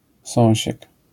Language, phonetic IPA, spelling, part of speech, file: Polish, [ˈsɔ̃w̃ɕɛk], sąsiek, noun, LL-Q809 (pol)-sąsiek.wav